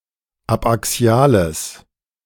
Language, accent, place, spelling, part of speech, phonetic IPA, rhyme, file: German, Germany, Berlin, abaxiales, adjective, [apʔaˈksi̯aːləs], -aːləs, De-abaxiales.ogg
- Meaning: strong/mixed nominative/accusative neuter singular of abaxial